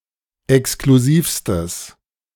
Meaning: strong/mixed nominative/accusative neuter singular superlative degree of exklusiv
- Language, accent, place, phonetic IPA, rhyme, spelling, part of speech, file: German, Germany, Berlin, [ɛkskluˈziːfstəs], -iːfstəs, exklusivstes, adjective, De-exklusivstes.ogg